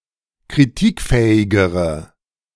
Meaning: inflection of kritikfähig: 1. strong/mixed nominative/accusative feminine singular comparative degree 2. strong nominative/accusative plural comparative degree
- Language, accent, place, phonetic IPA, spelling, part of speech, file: German, Germany, Berlin, [kʁiˈtiːkˌfɛːɪɡəʁə], kritikfähigere, adjective, De-kritikfähigere.ogg